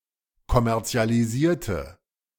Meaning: inflection of kommerzialisieren: 1. first/third-person singular preterite 2. first/third-person singular subjunctive II
- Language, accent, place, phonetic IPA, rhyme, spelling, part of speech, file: German, Germany, Berlin, [kɔmɛʁt͡si̯aliˈziːɐ̯tə], -iːɐ̯tə, kommerzialisierte, adjective / verb, De-kommerzialisierte.ogg